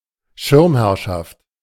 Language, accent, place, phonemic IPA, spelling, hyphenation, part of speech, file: German, Germany, Berlin, /ˈʃɪʁmˌhɛʁʃaft/, Schirmherrschaft, Schirm‧herr‧schaft, noun, De-Schirmherrschaft.ogg
- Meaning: patronage, auspices